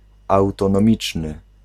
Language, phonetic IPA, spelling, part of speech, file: Polish, [ˌawtɔ̃nɔ̃ˈmʲit͡ʃnɨ], autonomiczny, adjective, Pl-autonomiczny.ogg